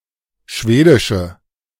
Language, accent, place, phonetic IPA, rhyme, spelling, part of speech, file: German, Germany, Berlin, [ˈʃveːdɪʃə], -eːdɪʃə, schwedische, adjective, De-schwedische.ogg
- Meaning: inflection of schwedisch: 1. strong/mixed nominative/accusative feminine singular 2. strong nominative/accusative plural 3. weak nominative all-gender singular